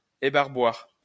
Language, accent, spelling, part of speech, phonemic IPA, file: French, France, ébarboir, noun, /e.baʁ.bwaʁ/, LL-Q150 (fra)-ébarboir.wav
- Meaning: a deburring tool; a tool to remove excess metal